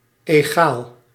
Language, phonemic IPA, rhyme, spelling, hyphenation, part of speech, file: Dutch, /eːˈɣaːl/, -aːl, egaal, egaal, adjective, Nl-egaal.ogg
- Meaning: 1. equal 2. even, smooth, level 3. consistent, homogeneous, constant